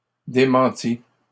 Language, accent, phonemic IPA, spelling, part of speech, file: French, Canada, /de.mɑ̃.ti/, démentie, verb, LL-Q150 (fra)-démentie.wav
- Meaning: feminine singular of démenti